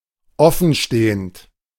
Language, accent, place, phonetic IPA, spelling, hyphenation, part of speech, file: German, Germany, Berlin, [ˈɔfn̩ˌʃteːənt], offenstehend, of‧fen‧ste‧hend, verb / adjective, De-offenstehend.ogg
- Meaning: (verb) present participle of offenstehen; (adjective) 1. being open, standing open 2. due, unsettled, outstanding